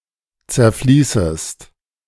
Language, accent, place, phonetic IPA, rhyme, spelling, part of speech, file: German, Germany, Berlin, [t͡sɛɐ̯ˈfliːsəst], -iːsəst, zerfließest, verb, De-zerfließest.ogg
- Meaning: second-person singular subjunctive I of zerfließen